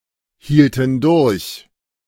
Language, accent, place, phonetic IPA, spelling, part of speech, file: German, Germany, Berlin, [ˌhiːltn̩ ˈdʊʁç], hielten durch, verb, De-hielten durch.ogg
- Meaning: first/third-person plural preterite of durchhalten